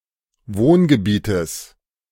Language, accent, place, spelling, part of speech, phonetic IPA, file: German, Germany, Berlin, Wohngebietes, noun, [ˈvoːnɡəˌbiːtəs], De-Wohngebietes.ogg
- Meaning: genitive of Wohngebiet